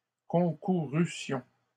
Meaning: first-person plural imperfect subjunctive of concourir
- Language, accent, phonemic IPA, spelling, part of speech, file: French, Canada, /kɔ̃.ku.ʁy.sjɔ̃/, concourussions, verb, LL-Q150 (fra)-concourussions.wav